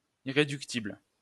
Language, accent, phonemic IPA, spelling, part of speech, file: French, France, /i.ʁe.dyk.tibl/, irréductible, adjective, LL-Q150 (fra)-irréductible.wav
- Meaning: 1. irreducible 2. indomitable, implacable